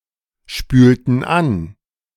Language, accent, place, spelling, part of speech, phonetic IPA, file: German, Germany, Berlin, spülten an, verb, [ˌʃpyːltn̩ ˈan], De-spülten an.ogg
- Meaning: inflection of anspülen: 1. first/third-person plural preterite 2. first/third-person plural subjunctive II